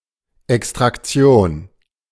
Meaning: extraction (act of extracting)
- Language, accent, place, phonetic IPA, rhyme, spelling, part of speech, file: German, Germany, Berlin, [ˌɛkstʁakˈt͡si̯oːn], -oːn, Extraktion, noun, De-Extraktion.ogg